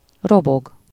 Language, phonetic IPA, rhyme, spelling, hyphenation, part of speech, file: Hungarian, [ˈroboɡ], -oɡ, robog, ro‧bog, verb, Hu-robog.ogg
- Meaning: to rush